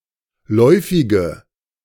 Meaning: inflection of läufig: 1. strong/mixed nominative/accusative feminine singular 2. strong nominative/accusative plural 3. weak nominative all-gender singular 4. weak accusative feminine/neuter singular
- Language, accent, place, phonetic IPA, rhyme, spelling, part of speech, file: German, Germany, Berlin, [ˈlɔɪ̯fɪɡə], -ɔɪ̯fɪɡə, läufige, adjective, De-läufige.ogg